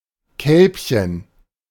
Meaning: diminutive of Kalb
- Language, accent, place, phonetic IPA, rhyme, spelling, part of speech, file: German, Germany, Berlin, [ˈkɛlpçən], -ɛlpçən, Kälbchen, noun, De-Kälbchen.ogg